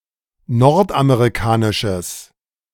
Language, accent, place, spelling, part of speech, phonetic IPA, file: German, Germany, Berlin, nordamerikanisches, adjective, [ˈnɔʁtʔameʁiˌkaːnɪʃəs], De-nordamerikanisches.ogg
- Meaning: strong/mixed nominative/accusative neuter singular of nordamerikanisch